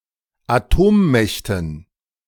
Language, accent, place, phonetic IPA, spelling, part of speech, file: German, Germany, Berlin, [aˈtoːmˌmɛçtn̩], Atommächten, noun, De-Atommächten.ogg
- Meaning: dative plural of Atommacht